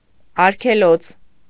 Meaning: nature reserve
- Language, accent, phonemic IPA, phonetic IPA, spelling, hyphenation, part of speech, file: Armenian, Eastern Armenian, /ɑɾkʰeˈlot͡sʰ/, [ɑɾkʰelót͡sʰ], արգելոց, ար‧գե‧լոց, noun, Hy-արգելոց.ogg